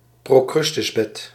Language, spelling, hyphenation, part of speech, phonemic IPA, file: Dutch, procrustesbed, pro‧crus‧tes‧bed, noun, /proːˈkrʏs.təsˌbɛt/, Nl-procrustesbed.ogg
- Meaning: procrustean bed